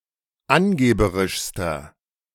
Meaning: inflection of angeberisch: 1. strong/mixed nominative masculine singular superlative degree 2. strong genitive/dative feminine singular superlative degree 3. strong genitive plural superlative degree
- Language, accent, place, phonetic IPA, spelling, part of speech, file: German, Germany, Berlin, [ˈanˌɡeːbəʁɪʃstɐ], angeberischster, adjective, De-angeberischster.ogg